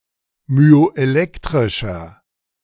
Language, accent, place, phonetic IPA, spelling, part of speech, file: German, Germany, Berlin, [myoʔeˈlɛktʁɪʃɐ], myoelektrischer, adjective, De-myoelektrischer.ogg
- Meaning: inflection of myoelektrisch: 1. strong/mixed nominative masculine singular 2. strong genitive/dative feminine singular 3. strong genitive plural